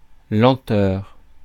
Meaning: slowness
- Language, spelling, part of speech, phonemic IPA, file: French, lenteur, noun, /lɑ̃.tœʁ/, Fr-lenteur.ogg